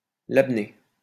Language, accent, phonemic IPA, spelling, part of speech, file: French, France, /lab.ne/, labné, noun, LL-Q150 (fra)-labné.wav
- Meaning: labneh